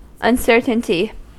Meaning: 1. Doubt; the condition of being uncertain or without conviction 2. Something uncertain or ambiguous 3. A parameter that measures the dispersion of a range of measured values
- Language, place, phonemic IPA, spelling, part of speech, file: English, California, /ʌnˈsɝtənti/, uncertainty, noun, En-us-uncertainty.ogg